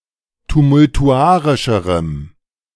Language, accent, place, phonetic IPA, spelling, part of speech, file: German, Germany, Berlin, [tumʊltuˈʔaʁɪʃəʁəm], tumultuarischerem, adjective, De-tumultuarischerem.ogg
- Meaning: strong dative masculine/neuter singular comparative degree of tumultuarisch